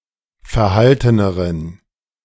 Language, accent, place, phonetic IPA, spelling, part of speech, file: German, Germany, Berlin, [fɛɐ̯ˈhaltənəʁən], verhalteneren, adjective, De-verhalteneren.ogg
- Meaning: inflection of verhalten: 1. strong genitive masculine/neuter singular comparative degree 2. weak/mixed genitive/dative all-gender singular comparative degree